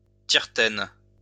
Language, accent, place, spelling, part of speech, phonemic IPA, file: French, France, Lyon, tiretaine, noun, /tiʁ.tɛn/, LL-Q150 (fra)-tiretaine.wav
- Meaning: 1. tartan 2. coarse cloth made of wool mixed with another fabric